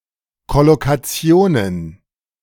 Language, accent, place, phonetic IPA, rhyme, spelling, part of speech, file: German, Germany, Berlin, [kɔlokaˈt͡si̯oːnən], -oːnən, Kollokationen, noun, De-Kollokationen.ogg
- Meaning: plural of Kollokation